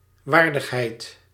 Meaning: dignity, honour
- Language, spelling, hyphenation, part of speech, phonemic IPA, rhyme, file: Dutch, waardigheid, waar‧dig‧heid, noun, /ˈʋaːr.dəxˌɦɛi̯t/, -aːrdəxɦɛi̯t, Nl-waardigheid.ogg